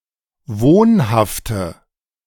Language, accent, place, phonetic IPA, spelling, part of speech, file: German, Germany, Berlin, [ˈvoːnhaftə], wohnhafte, adjective, De-wohnhafte.ogg
- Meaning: inflection of wohnhaft: 1. strong/mixed nominative/accusative feminine singular 2. strong nominative/accusative plural 3. weak nominative all-gender singular